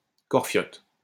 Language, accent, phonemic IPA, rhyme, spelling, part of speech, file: French, France, /kɔʁ.fjɔt/, -ɔt, corfiote, adjective, LL-Q150 (fra)-corfiote.wav
- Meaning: Corfiot